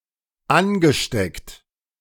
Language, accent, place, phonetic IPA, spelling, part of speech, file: German, Germany, Berlin, [ˈanɡəˌʃtɛkt], angesteckt, verb, De-angesteckt.ogg
- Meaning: past participle of anstecken